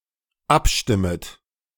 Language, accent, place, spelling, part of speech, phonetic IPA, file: German, Germany, Berlin, abstimmet, verb, [ˈapˌʃtɪmət], De-abstimmet.ogg
- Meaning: second-person plural dependent subjunctive I of abstimmen